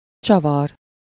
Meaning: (noun) 1. screw, wood screw (fastener) 2. bolt (fastener); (verb) 1. to twist, turn 2. to screw (to drive a screw into something)
- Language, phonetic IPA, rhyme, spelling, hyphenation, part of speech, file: Hungarian, [ˈt͡ʃɒvɒr], -ɒr, csavar, csa‧var, noun / verb, Hu-csavar.ogg